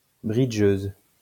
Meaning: female equivalent of bridgeur
- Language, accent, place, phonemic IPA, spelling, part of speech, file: French, France, Lyon, /bʁi.dʒøz/, bridgeuse, noun, LL-Q150 (fra)-bridgeuse.wav